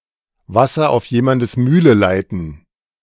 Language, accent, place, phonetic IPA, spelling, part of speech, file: German, Germany, Berlin, [ˈvasɐ ʔaʊ̯f ˌjeːmandəs ˈmyːlə ˌlaɪ̯tn̩], Wasser auf jemandes Mühle leiten, phrase, De-Wasser auf jemandes Mühle leiten.ogg
- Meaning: to act to someone’s advantage, to strengthen someone’s argument or position; to be grist for the mill (but not equivalent in all contexts)